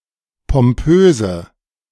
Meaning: inflection of pompös: 1. strong/mixed nominative/accusative feminine singular 2. strong nominative/accusative plural 3. weak nominative all-gender singular 4. weak accusative feminine/neuter singular
- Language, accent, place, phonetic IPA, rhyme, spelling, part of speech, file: German, Germany, Berlin, [pɔmˈpøːzə], -øːzə, pompöse, adjective, De-pompöse.ogg